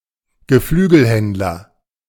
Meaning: poultry trader
- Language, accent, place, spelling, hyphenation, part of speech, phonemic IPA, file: German, Germany, Berlin, Geflügelhändler, Ge‧flü‧gel‧händ‧ler, noun, /ɡəˈflyːɡəlˌhɛntlɐ/, De-Geflügelhändler.ogg